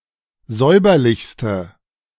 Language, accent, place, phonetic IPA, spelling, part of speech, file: German, Germany, Berlin, [ˈzɔɪ̯bɐlɪçstə], säuberlichste, adjective, De-säuberlichste.ogg
- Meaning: inflection of säuberlich: 1. strong/mixed nominative/accusative feminine singular superlative degree 2. strong nominative/accusative plural superlative degree